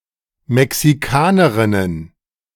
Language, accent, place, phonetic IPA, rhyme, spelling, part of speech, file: German, Germany, Berlin, [mɛksiˈkaːnəʁɪnən], -aːnəʁɪnən, Mexikanerinnen, noun, De-Mexikanerinnen.ogg
- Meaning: plural of Mexikanerin